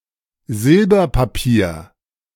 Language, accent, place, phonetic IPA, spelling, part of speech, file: German, Germany, Berlin, [ˈzɪlbɐpaˌpiːɐ̯], Silberpapier, noun, De-Silberpapier.ogg
- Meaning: 1. silver paper, that is, aluminium foil (so called because it is generally silver-coloured) 2. silver paper: very thin sheet of silver